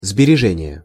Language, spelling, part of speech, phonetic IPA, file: Russian, сбережение, noun, [zbʲɪrʲɪˈʐɛnʲɪje], Ru-сбережение.ogg
- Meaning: 1. savings 2. economy, saving